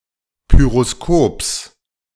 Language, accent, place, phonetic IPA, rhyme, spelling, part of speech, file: German, Germany, Berlin, [ˌpyʁoˈskoːps], -oːps, Pyroskops, noun, De-Pyroskops.ogg
- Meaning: genitive singular of Pyroskop